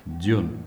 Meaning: snow
- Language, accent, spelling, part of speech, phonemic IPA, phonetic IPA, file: Armenian, Eastern Armenian, ձյուն, noun, /d͡zjun/, [d͡zjun], HY-ձյուն.ogg